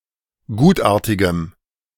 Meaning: strong dative masculine/neuter singular of gutartig
- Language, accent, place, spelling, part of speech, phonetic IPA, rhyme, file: German, Germany, Berlin, gutartigem, adjective, [ˈɡuːtˌʔaːɐ̯tɪɡəm], -uːtʔaːɐ̯tɪɡəm, De-gutartigem.ogg